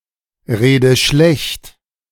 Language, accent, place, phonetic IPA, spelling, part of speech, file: German, Germany, Berlin, [ˌʁeːdə ˈʃlɛçt], rede schlecht, verb, De-rede schlecht.ogg
- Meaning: inflection of schlechtreden: 1. first-person singular present 2. first/third-person singular subjunctive I 3. singular imperative